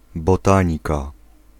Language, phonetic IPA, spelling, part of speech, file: Polish, [bɔˈtãɲika], botanika, noun, Pl-botanika.ogg